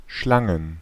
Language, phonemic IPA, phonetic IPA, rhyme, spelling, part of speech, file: German, /ˈʃlaŋən/, [ˈʃlaŋn̩], -aŋn̩, Schlangen, noun / proper noun, De-Schlangen.ogg
- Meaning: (noun) plural of Schlange; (proper noun) a municipality of Lippe district, North Rhine-Westphalia, Germany